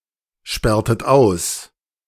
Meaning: inflection of aussperren: 1. second-person plural preterite 2. second-person plural subjunctive II
- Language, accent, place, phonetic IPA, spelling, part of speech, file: German, Germany, Berlin, [ˌʃpɛʁtət ˈaʊ̯s], sperrtet aus, verb, De-sperrtet aus.ogg